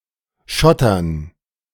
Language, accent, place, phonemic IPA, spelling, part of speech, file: German, Germany, Berlin, /ˈʃɔtɐn/, schottern, verb, De-schottern.ogg
- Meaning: 1. to gravel 2. to remove ballast from railway tracks to sabotage operations, especially nuclear waste movements